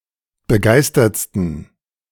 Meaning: 1. superlative degree of begeistert 2. inflection of begeistert: strong genitive masculine/neuter singular superlative degree
- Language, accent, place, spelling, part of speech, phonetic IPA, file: German, Germany, Berlin, begeistertsten, adjective, [bəˈɡaɪ̯stɐt͡stn̩], De-begeistertsten.ogg